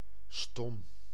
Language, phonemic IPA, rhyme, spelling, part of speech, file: Dutch, /stɔm/, -ɔm, stom, adjective, Nl-stom.ogg
- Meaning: 1. mute, unable to speak, as medical condition or species-determined 2. speechless; soundless, silent 3. wordless, non-verbal 4. mentally dulling, soul-killing 5. stupid, dumb